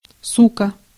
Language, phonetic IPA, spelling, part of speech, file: Russian, [ˈsukə], сука, noun / interjection, Ru-сука.ogg
- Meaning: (noun) 1. bitch (female dog) 2. bitch (contemptible person, usually but not necessarily female) 3. frivolous, promiscuous female 4. sometimes used to denote any female